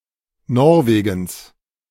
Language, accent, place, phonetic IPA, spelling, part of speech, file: German, Germany, Berlin, [ˈnɔʁveːɡŋ̍s], Norwegens, noun, De-Norwegens.ogg
- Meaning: genitive singular of Norwegen